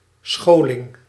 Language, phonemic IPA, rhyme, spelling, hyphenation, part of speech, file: Dutch, /ˈsxoː.lɪŋ/, -oːlɪŋ, scholing, scho‧ling, noun, Nl-scholing.ogg
- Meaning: education (imparting skills and/or knowledge)